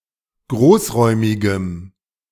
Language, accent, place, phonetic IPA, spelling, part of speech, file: German, Germany, Berlin, [ˈɡʁoːsˌʁɔɪ̯mɪɡəm], großräumigem, adjective, De-großräumigem.ogg
- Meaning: strong dative masculine/neuter singular of großräumig